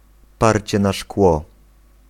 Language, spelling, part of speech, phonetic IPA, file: Polish, parcie na szkło, noun, [ˈparʲt͡ɕɛ na‿ˈʃkwɔ], Pl-parcie na szkło.ogg